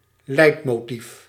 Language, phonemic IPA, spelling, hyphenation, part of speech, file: Dutch, /ˈlɛi̯t.moːˌtif/, leidmotief, leid‧mo‧tief, noun, Nl-leidmotief.ogg
- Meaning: leitmotif